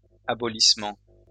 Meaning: an abolition, abolishment, abrogation
- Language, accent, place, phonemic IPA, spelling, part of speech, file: French, France, Lyon, /a.bɔ.lis.mɑ̃/, abolissement, noun, LL-Q150 (fra)-abolissement.wav